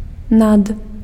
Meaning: 1. above, over (indicates the location, presence of someone or something on top of someone or something) 2. than (used to name the object of comparison)
- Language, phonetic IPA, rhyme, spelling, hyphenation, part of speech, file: Belarusian, [nat], -at, над, над, preposition, Be-над.ogg